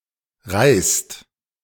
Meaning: second-person singular present of reihen
- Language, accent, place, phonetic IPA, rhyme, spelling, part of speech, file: German, Germany, Berlin, [ʁaɪ̯st], -aɪ̯st, reihst, verb, De-reihst.ogg